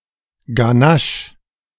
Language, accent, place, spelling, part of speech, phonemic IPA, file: German, Germany, Berlin, Ganache, noun, /ɡaˈnaʃ/, De-Ganache.ogg
- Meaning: ganache (rich cream)